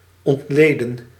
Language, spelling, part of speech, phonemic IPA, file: Dutch, ontleden, verb, /ɔntˈleː.dən/, Nl-ontleden.ogg
- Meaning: 1. to dismember, to analyze 2. to parse 3. to dissect 4. to break down